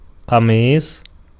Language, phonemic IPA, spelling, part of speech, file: Arabic, /qa.miːsˤ/, قميص, noun, Ar-قميص.ogg
- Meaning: a short and usually form-fitting upper-body outer garment; a sleeved top; a shirt (such as a T-shirt or a dress shirt)